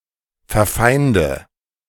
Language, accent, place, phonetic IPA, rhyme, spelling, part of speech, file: German, Germany, Berlin, [fɛɐ̯ˈfaɪ̯ndə], -aɪ̯ndə, verfeinde, verb, De-verfeinde.ogg
- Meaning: inflection of verfeinden: 1. first-person singular present 2. first/third-person singular subjunctive I 3. singular imperative